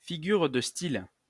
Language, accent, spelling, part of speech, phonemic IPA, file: French, France, figure de style, noun, /fi.ɡyʁ də stil/, LL-Q150 (fra)-figure de style.wav
- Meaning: figure of speech (word or phrase)